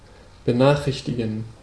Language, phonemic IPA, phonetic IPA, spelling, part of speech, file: German, /bəˈnaːχʁɪçtiɡən/, [bəˈnaːχʁɪçtʰɪɡŋ̍], benachrichtigen, verb, De-benachrichtigen.ogg
- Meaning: to notify